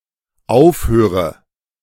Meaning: inflection of aufhören: 1. first-person singular dependent present 2. first/third-person singular dependent subjunctive I
- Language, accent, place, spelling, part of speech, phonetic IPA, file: German, Germany, Berlin, aufhöre, verb, [ˈaʊ̯fˌhøːʁə], De-aufhöre.ogg